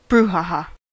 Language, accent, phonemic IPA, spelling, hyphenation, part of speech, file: English, US, /ˈbruˌhɑˌhɑ/, brouhaha, brou‧ha‧ha, noun, En-us-brouhaha.ogg
- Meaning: A stir; a fuss or uproar